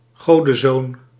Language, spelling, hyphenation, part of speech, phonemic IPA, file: Dutch, godenzoon, go‧den‧zoon, noun, /ˈɣoː.də(n)ˌzoːn/, Nl-godenzoon.ogg
- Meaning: 1. a male demigod, hero 2. a male sports champion